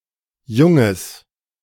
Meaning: nominalization of junges: the immature young of an animal species other than humans
- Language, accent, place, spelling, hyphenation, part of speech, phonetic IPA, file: German, Germany, Berlin, Junges, Jun‧ges, noun, [ˈjʊŋəs], De-Junges.ogg